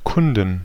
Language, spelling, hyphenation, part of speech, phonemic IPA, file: German, Kunden, Kun‧den, noun, /ˈkʊndən/, De-Kunden.ogg
- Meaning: inflection of Kunde: 1. genitive/dative/accusative singular 2. nominative/genitive/dative/accusative plural